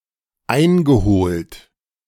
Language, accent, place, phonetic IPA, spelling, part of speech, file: German, Germany, Berlin, [ˈaɪ̯nɡəˌhoːlt], eingeholt, verb, De-eingeholt.ogg
- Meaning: past participle of einholen